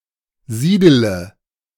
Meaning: inflection of siedeln: 1. first-person singular present 2. singular imperative 3. first/third-person singular subjunctive I
- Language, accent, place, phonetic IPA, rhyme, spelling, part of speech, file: German, Germany, Berlin, [ˈziːdələ], -iːdələ, siedele, verb, De-siedele.ogg